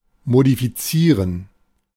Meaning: to modify
- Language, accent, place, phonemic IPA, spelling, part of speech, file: German, Germany, Berlin, /modifiˈtsiːʁən/, modifizieren, verb, De-modifizieren.ogg